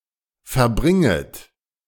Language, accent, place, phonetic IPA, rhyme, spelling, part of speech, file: German, Germany, Berlin, [fɛɐ̯ˈbʁɪŋət], -ɪŋət, verbringet, verb, De-verbringet.ogg
- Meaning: second-person plural subjunctive I of verbringen